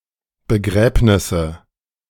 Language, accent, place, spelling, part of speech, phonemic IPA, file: German, Germany, Berlin, Begräbnisse, noun, /bəˈɡʁɛːpnɪsə/, De-Begräbnisse2.ogg
- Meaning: nominative/accusative/genitive plural of Begräbnis